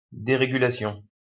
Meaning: deregulation
- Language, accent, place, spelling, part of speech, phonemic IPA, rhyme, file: French, France, Lyon, dérégulation, noun, /de.ʁe.ɡy.la.sjɔ̃/, -ɔ̃, LL-Q150 (fra)-dérégulation.wav